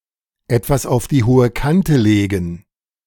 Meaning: to save something for a rainy day
- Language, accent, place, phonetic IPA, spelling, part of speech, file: German, Germany, Berlin, [ˈɛtvas aʊ̯f diː ˈhoːə ˈkantə ˈleːɡn̩], etwas auf die hohe Kante legen, phrase, De-etwas auf die hohe Kante legen.ogg